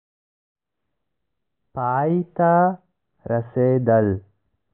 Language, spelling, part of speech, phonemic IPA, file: Pashto, پای ته رسېدل, verb, /pɑi t̪ə rəsed̪əl/, پای ته رسېدل.ogg
- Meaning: to end, to finish